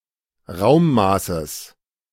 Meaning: genitive singular of Raummaß
- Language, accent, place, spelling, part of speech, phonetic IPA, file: German, Germany, Berlin, Raummaßes, noun, [ˈʁaʊ̯mˌmaːsəs], De-Raummaßes.ogg